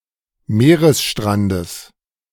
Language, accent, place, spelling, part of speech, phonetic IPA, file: German, Germany, Berlin, Meeresstrandes, noun, [ˈmeːʁəsˌʃtʁandəs], De-Meeresstrandes.ogg
- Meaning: genitive singular of Meeresstrand